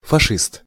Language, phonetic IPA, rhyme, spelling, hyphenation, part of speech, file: Russian, [fɐˈʂɨst], -ɨst, фашист, фа‧шист, noun, Ru-фашист.ogg
- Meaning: 1. fascist (proponent of fascism) 2. Nazi (during World War II)